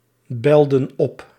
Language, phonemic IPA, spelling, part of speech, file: Dutch, /ˈbɛldə(n) ˈɔp/, belden op, verb, Nl-belden op.ogg
- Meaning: inflection of opbellen: 1. plural past indicative 2. plural past subjunctive